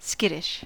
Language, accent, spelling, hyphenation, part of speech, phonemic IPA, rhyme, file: English, US, skittish, skit‧tish, adjective, /ˈskɪtɪʃ/, -ɪtɪʃ, En-us-skittish.ogg
- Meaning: 1. Easily scared or startled; timid 2. Wanton; changeable; fickle 3. Difficult to manage; tricky